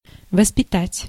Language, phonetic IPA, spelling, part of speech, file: Russian, [vəspʲɪˈtatʲ], воспитать, verb, Ru-воспитать.ogg
- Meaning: 1. to bring up, to rear, to educate 2. to educate, to train (someone to be someone) 3. to foster, to cultivate